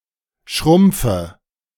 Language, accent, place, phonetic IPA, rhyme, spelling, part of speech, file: German, Germany, Berlin, [ˈʃʁʊmp͡fə], -ʊmp͡fə, schrumpfe, verb, De-schrumpfe.ogg
- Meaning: inflection of schrumpfen: 1. first-person singular present 2. singular imperative 3. first/third-person singular subjunctive I